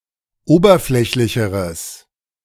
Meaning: strong/mixed nominative/accusative neuter singular comparative degree of oberflächlich
- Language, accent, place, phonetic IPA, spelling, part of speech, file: German, Germany, Berlin, [ˈoːbɐˌflɛçlɪçəʁəs], oberflächlicheres, adjective, De-oberflächlicheres.ogg